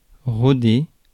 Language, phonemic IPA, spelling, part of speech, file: French, /ʁɔ.de/, roder, verb, Fr-roder.ogg
- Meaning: 1. to polish, polish up 2. to wear in (a motor), to run in, to put through its paces 3. to polish up, hone (skills)